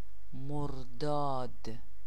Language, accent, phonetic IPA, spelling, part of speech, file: Persian, Iran, [moɹ.d̪ɒ́ːd̪̥], مرداد, proper noun, Fa-مرداد.ogg
- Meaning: 1. Mordad (the fifth solar month of the Persian calendar) 2. Name of the seventh day of any month of the solar Persian calendar